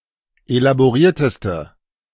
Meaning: inflection of elaboriert: 1. strong/mixed nominative/accusative feminine singular superlative degree 2. strong nominative/accusative plural superlative degree
- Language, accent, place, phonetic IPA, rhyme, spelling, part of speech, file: German, Germany, Berlin, [elaboˈʁiːɐ̯təstə], -iːɐ̯təstə, elaborierteste, adjective, De-elaborierteste.ogg